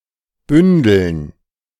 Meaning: dative plural of Bündel
- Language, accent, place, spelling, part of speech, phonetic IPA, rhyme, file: German, Germany, Berlin, Bündeln, noun, [ˈbʏndl̩n], -ʏndl̩n, De-Bündeln.ogg